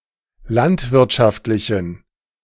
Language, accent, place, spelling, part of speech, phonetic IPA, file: German, Germany, Berlin, landwirtschaftlichen, adjective, [ˈlantvɪʁtʃaftlɪçn̩], De-landwirtschaftlichen.ogg
- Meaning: inflection of landwirtschaftlich: 1. strong genitive masculine/neuter singular 2. weak/mixed genitive/dative all-gender singular 3. strong/weak/mixed accusative masculine singular